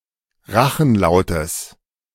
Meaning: genitive singular of Rachenlaut
- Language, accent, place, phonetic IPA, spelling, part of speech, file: German, Germany, Berlin, [ˈʁaxn̩ˌlaʊ̯təs], Rachenlautes, noun, De-Rachenlautes.ogg